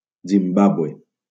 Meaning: Zimbabwe (a country in Southern Africa)
- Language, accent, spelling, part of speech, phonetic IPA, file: Catalan, Valencia, Zimbàbue, proper noun, [zimˈba.bu.e], LL-Q7026 (cat)-Zimbàbue.wav